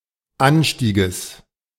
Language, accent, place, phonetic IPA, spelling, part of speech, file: German, Germany, Berlin, [ˈanˌʃtiːɡəs], Anstieges, noun, De-Anstieges.ogg
- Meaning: genitive singular of Anstieg